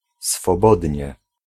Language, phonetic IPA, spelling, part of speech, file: Polish, [sfɔˈbɔdʲɲɛ], swobodnie, adverb, Pl-swobodnie.ogg